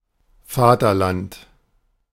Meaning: fatherland, homeland: the land from which one originates
- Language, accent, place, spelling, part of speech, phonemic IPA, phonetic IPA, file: German, Germany, Berlin, Vaterland, noun, /ˈfaːtɐˌlant/, [ˈfaːtʰɐˌlantʰ], De-Vaterland.ogg